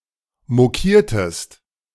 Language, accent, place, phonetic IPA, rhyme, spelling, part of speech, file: German, Germany, Berlin, [moˈkiːɐ̯təst], -iːɐ̯təst, mokiertest, verb, De-mokiertest.ogg
- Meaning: inflection of mokieren: 1. second-person singular preterite 2. second-person singular subjunctive II